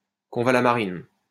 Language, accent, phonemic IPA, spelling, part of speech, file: French, France, /kɔ̃.va.la.ma.ʁin/, convallamarine, noun, LL-Q150 (fra)-convallamarine.wav
- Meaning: convallamarin